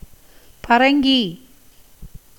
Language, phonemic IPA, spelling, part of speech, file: Tamil, /pɐɾɐŋɡiː/, பரங்கி, noun, Ta-பரங்கி.ogg
- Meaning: cantalope